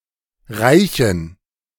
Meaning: dative plural of Reich
- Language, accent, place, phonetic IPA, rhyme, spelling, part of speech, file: German, Germany, Berlin, [ˈʁaɪ̯çn̩], -aɪ̯çn̩, Reichen, noun, De-Reichen.ogg